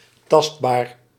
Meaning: tangible, palpable
- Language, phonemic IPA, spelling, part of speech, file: Dutch, /ˈtɑst.baːr/, tastbaar, adjective, Nl-tastbaar.ogg